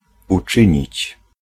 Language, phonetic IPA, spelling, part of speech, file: Polish, [uˈt͡ʃɨ̃ɲit͡ɕ], uczynić, verb, Pl-uczynić.ogg